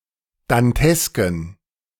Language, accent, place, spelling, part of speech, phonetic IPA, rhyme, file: German, Germany, Berlin, dantesken, adjective, [danˈtɛskn̩], -ɛskn̩, De-dantesken.ogg
- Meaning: inflection of dantesk: 1. strong genitive masculine/neuter singular 2. weak/mixed genitive/dative all-gender singular 3. strong/weak/mixed accusative masculine singular 4. strong dative plural